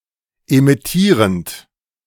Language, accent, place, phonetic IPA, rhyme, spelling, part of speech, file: German, Germany, Berlin, [emɪˈtiːʁənt], -iːʁənt, emittierend, verb, De-emittierend.ogg
- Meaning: present participle of emittieren